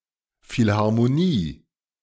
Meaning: 1. philharmonic orchestra 2. concert hall (for Western classical orchestral music)
- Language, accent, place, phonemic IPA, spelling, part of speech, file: German, Germany, Berlin, /fɪlhaʁmoˈniː/, Philharmonie, noun, De-Philharmonie.ogg